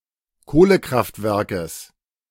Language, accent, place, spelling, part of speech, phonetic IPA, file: German, Germany, Berlin, Kohlekraftwerkes, noun, [ˈkoːləˌkʁaftvɛʁkəs], De-Kohlekraftwerkes.ogg
- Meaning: genitive singular of Kohlekraftwerk